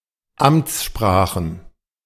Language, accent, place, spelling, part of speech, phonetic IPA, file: German, Germany, Berlin, Amtssprachen, noun, [ˈamt͡sˌʃpʁaːxn̩], De-Amtssprachen.ogg
- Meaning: plural of Amtssprache